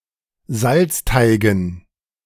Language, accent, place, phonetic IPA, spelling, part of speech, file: German, Germany, Berlin, [ˈzalt͡sˌtaɪ̯ɡn̩], Salzteigen, noun, De-Salzteigen.ogg
- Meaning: dative plural of Salzteig